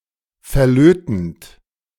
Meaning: present participle of verlöten
- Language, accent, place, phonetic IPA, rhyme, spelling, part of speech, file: German, Germany, Berlin, [fɛɐ̯ˈløːtn̩t], -øːtn̩t, verlötend, verb, De-verlötend.ogg